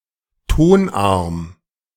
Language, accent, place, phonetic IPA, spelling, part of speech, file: German, Germany, Berlin, [ˈtonˌʔaʁm], Tonarm, noun, De-Tonarm.ogg
- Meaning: tone arm